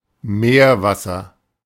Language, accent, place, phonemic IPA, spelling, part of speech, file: German, Germany, Berlin, /ˈmeːɐ̯ˌvasɐ/, Meerwasser, noun, De-Meerwasser.ogg
- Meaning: seawater